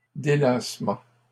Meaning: 1. relaxation 2. recreation
- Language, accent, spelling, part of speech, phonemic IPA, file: French, Canada, délassement, noun, /de.las.mɑ̃/, LL-Q150 (fra)-délassement.wav